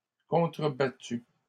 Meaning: masculine plural of contrebattu
- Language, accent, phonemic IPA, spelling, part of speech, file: French, Canada, /kɔ̃.tʁə.ba.ty/, contrebattus, verb, LL-Q150 (fra)-contrebattus.wav